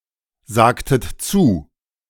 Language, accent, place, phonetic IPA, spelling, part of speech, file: German, Germany, Berlin, [ˌzaːktət ˈt͡suː], sagtet zu, verb, De-sagtet zu.ogg
- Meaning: inflection of zusagen: 1. second-person plural preterite 2. second-person plural subjunctive II